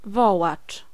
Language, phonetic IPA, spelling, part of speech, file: Polish, [ˈvɔwat͡ʃ], wołacz, noun, Pl-wołacz.ogg